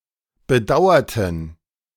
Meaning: inflection of bedauern: 1. first/third-person plural preterite 2. first/third-person plural subjunctive II
- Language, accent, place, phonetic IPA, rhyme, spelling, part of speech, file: German, Germany, Berlin, [bəˈdaʊ̯ɐtn̩], -aʊ̯ɐtn̩, bedauerten, adjective / verb, De-bedauerten.ogg